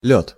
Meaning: flight
- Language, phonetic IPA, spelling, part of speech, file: Russian, [lʲɵt], лёт, noun, Ru-лёт.ogg